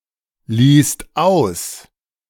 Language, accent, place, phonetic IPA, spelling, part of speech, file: German, Germany, Berlin, [ˌliːst ˈaʊ̯s], liehst aus, verb, De-liehst aus.ogg
- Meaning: second-person singular preterite of ausleihen